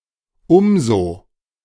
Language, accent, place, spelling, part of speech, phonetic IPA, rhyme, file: German, Germany, Berlin, umso, conjunction, [ˈʊmzoː], -oː, De-umso.ogg
- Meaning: 1. the (forming the parallel comparative with je) 2. all the more, so much (the)